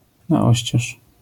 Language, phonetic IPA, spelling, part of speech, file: Polish, [na‿ˈɔɕt͡ɕɛʃ], na oścież, adverbial phrase, LL-Q809 (pol)-na oścież.wav